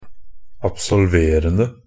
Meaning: present participle of absolvere
- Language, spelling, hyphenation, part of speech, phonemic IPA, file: Norwegian Bokmål, absolverende, ab‧sol‧ver‧en‧de, verb, /absɔlˈʋeːrən(d)ə/, NB - Pronunciation of Norwegian Bokmål «absolverende».ogg